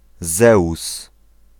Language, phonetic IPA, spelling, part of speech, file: Polish, [ˈzɛus], Zeus, proper noun, Pl-Zeus.ogg